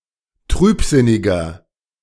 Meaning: 1. comparative degree of trübsinnig 2. inflection of trübsinnig: strong/mixed nominative masculine singular 3. inflection of trübsinnig: strong genitive/dative feminine singular
- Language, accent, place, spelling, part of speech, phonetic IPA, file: German, Germany, Berlin, trübsinniger, adjective, [ˈtʁyːpˌzɪnɪɡɐ], De-trübsinniger.ogg